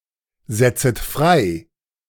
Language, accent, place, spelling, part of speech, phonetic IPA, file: German, Germany, Berlin, setzet frei, verb, [ˌzɛt͡sət ˈfʁaɪ̯], De-setzet frei.ogg
- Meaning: second-person plural subjunctive I of freisetzen